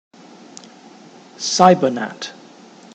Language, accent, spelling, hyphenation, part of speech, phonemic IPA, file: English, Received Pronunciation, cybernat, cy‧ber‧nat, noun, /ˈsaɪbənæt/, En-uk-cybernat.ogg
- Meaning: A Scottish nationalist who takes part in Internet activism